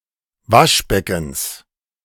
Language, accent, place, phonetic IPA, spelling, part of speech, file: German, Germany, Berlin, [ˈvaʃˌbɛkn̩s], Waschbeckens, noun, De-Waschbeckens.ogg
- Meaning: genitive singular of Waschbecken